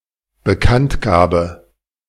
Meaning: announcement, notification, publication
- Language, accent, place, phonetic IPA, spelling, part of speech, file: German, Germany, Berlin, [bəˈkantˌɡaːbə], Bekanntgabe, noun, De-Bekanntgabe.ogg